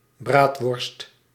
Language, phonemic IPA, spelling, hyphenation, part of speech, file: Dutch, /ˈbraːt.ʋɔrst/, braadworst, braad‧worst, noun, Nl-braadworst.ogg
- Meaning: bratwurst